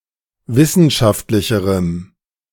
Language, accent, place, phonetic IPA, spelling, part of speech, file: German, Germany, Berlin, [ˈvɪsn̩ʃaftlɪçəʁəm], wissenschaftlicherem, adjective, De-wissenschaftlicherem.ogg
- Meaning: strong dative masculine/neuter singular comparative degree of wissenschaftlich